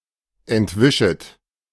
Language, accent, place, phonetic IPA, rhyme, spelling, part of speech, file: German, Germany, Berlin, [ɛntˈvɪʃət], -ɪʃət, entwischet, verb, De-entwischet.ogg
- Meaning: second-person plural subjunctive I of entwischen